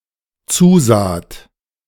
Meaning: second-person plural dependent preterite of zusehen
- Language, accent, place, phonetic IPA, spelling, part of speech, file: German, Germany, Berlin, [ˈt͡suːˌzaːt], zusaht, verb, De-zusaht.ogg